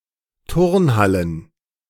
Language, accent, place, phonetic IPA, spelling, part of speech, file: German, Germany, Berlin, [ˈtʊʁnˌhalən], Turnhallen, noun, De-Turnhallen.ogg
- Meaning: plural of Turnhalle